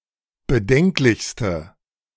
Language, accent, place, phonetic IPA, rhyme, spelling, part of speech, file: German, Germany, Berlin, [bəˈdɛŋklɪçstə], -ɛŋklɪçstə, bedenklichste, adjective, De-bedenklichste.ogg
- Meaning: inflection of bedenklich: 1. strong/mixed nominative/accusative feminine singular superlative degree 2. strong nominative/accusative plural superlative degree